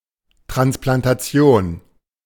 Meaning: transplantation
- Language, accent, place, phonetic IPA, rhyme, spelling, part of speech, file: German, Germany, Berlin, [tʁansplantaˈt͡si̯oːn], -oːn, Transplantation, noun, De-Transplantation.ogg